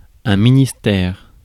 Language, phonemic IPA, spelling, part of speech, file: French, /mi.nis.tɛʁ/, ministère, noun, Fr-ministère.ogg
- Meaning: ministry